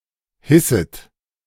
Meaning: second-person plural subjunctive I of hissen
- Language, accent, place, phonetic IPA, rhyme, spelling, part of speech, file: German, Germany, Berlin, [ˈhɪsət], -ɪsət, hisset, verb, De-hisset.ogg